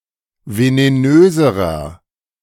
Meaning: inflection of venenös: 1. strong/mixed nominative masculine singular comparative degree 2. strong genitive/dative feminine singular comparative degree 3. strong genitive plural comparative degree
- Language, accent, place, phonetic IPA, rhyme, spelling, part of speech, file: German, Germany, Berlin, [veneˈnøːzəʁɐ], -øːzəʁɐ, venenöserer, adjective, De-venenöserer.ogg